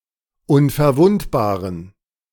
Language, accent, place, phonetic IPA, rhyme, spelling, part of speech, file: German, Germany, Berlin, [ʊnfɛɐ̯ˈvʊntbaːʁən], -ʊntbaːʁən, unverwundbaren, adjective, De-unverwundbaren.ogg
- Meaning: inflection of unverwundbar: 1. strong genitive masculine/neuter singular 2. weak/mixed genitive/dative all-gender singular 3. strong/weak/mixed accusative masculine singular 4. strong dative plural